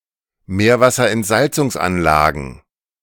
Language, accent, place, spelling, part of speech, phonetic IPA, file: German, Germany, Berlin, Meerwasserentsalzungsanlagen, noun, [ˈmeːɐ̯vasɐʔɛntˌzalt͡sʊŋsʔanlaːɡn̩], De-Meerwasserentsalzungsanlagen.ogg
- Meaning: plural of Meerwasserentsalzungsanlage